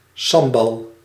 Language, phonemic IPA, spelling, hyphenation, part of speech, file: Dutch, /ˈsɑm.bɑl/, sambal, sam‧bal, noun, Nl-sambal.ogg
- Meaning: 1. Sambal, a relish made from chili peppers 2. a spicy spread made of chili peppers and chicken, esp. chopped liver